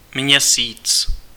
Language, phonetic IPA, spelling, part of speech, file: Czech, [ˈmɲɛsiːt͡s], Měsíc, proper noun, Cs-Měsíc.ogg
- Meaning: Moon (sole natural satellite of the Earth)